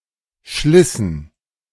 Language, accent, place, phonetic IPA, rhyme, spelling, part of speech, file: German, Germany, Berlin, [ˈʃlɪsn̩], -ɪsn̩, schlissen, verb, De-schlissen.ogg
- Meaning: inflection of schleißen: 1. first/third-person plural preterite 2. first/third-person plural subjunctive II